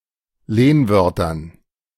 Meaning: dative plural of Lehnwort
- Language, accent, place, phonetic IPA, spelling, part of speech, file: German, Germany, Berlin, [ˈleːnˌvœʁtɐn], Lehnwörtern, noun, De-Lehnwörtern.ogg